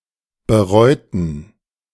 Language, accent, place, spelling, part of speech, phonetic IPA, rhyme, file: German, Germany, Berlin, bereuten, adjective / verb, [bəˈʁɔɪ̯tn̩], -ɔɪ̯tn̩, De-bereuten.ogg
- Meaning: inflection of bereuen: 1. first/third-person plural preterite 2. first/third-person plural subjunctive II